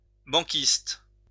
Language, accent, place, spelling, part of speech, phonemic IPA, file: French, France, Lyon, banquiste, noun, /bɑ̃.kist/, LL-Q150 (fra)-banquiste.wav
- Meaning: 1. traveling showman 2. charlatan